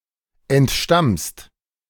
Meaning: second-person singular present of entstammen
- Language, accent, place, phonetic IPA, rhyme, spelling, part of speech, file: German, Germany, Berlin, [ɛntˈʃtamst], -amst, entstammst, verb, De-entstammst.ogg